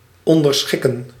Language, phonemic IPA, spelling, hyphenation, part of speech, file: Dutch, /ˌɔn.dərˈsxɪ.kə(n)/, onderschikken, on‧der‧schik‧ken, verb, Nl-onderschikken.ogg
- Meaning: 1. to suppress, to subjugate 2. to be subservient